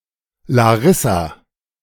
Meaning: a female given name, equivalent to English Larissa
- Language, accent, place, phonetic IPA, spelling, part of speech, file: German, Germany, Berlin, [laˈʁɪsa], Larissa, proper noun, De-Larissa.ogg